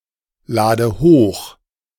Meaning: inflection of hochladen: 1. first-person singular present 2. first/third-person singular subjunctive I 3. singular imperative
- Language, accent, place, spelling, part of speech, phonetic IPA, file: German, Germany, Berlin, lade hoch, verb, [ˌlaːdə ˈhoːx], De-lade hoch.ogg